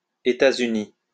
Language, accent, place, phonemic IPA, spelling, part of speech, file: French, France, Lyon, /e.ta.z‿y.ni/, Etats-Unis, proper noun, LL-Q150 (fra)-Etats-Unis.wav
- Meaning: alternative spelling of États-Unis (“United States (a country in North America)”)